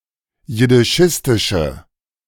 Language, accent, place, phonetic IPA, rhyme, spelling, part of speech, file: German, Germany, Berlin, [jɪdɪˈʃɪstɪʃə], -ɪstɪʃə, jiddischistische, adjective, De-jiddischistische.ogg
- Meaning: inflection of jiddischistisch: 1. strong/mixed nominative/accusative feminine singular 2. strong nominative/accusative plural 3. weak nominative all-gender singular